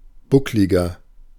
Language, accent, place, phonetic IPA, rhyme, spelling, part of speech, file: German, Germany, Berlin, [ˈbʊklɪɡɐ], -ʊklɪɡɐ, buckliger, adjective, De-buckliger.ogg
- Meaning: 1. comparative degree of bucklig 2. inflection of bucklig: strong/mixed nominative masculine singular 3. inflection of bucklig: strong genitive/dative feminine singular